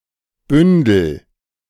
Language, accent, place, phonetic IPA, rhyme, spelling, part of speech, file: German, Germany, Berlin, [ˈbʏndl̩], -ʏndl̩, bündel, verb, De-bündel.ogg
- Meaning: inflection of bündeln: 1. first-person singular present 2. singular imperative